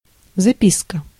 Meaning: note, memo (memorandum)
- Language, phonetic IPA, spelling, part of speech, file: Russian, [zɐˈpʲiskə], записка, noun, Ru-записка.ogg